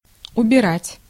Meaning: 1. to remove, to take away 2. to strike (nautical) 3. to clean up, to tidy, to tidy up 4. to put away 5. to clear, to clear up, to clear out 6. to deck out 7. to decorate 8. to take in
- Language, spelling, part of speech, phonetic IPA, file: Russian, убирать, verb, [ʊbʲɪˈratʲ], Ru-убирать.ogg